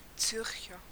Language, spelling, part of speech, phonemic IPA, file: German, Zürcher, noun / proper noun, /ˈt͡sʏʁçɐ/, De-Zürcher.ogg
- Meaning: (noun) someone from Zürich (male or unspecified); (proper noun) a surname, from Zurich